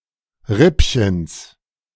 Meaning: genitive of Rippchen
- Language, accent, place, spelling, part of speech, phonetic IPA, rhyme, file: German, Germany, Berlin, Rippchens, noun, [ˈʁɪpçəns], -ɪpçəns, De-Rippchens.ogg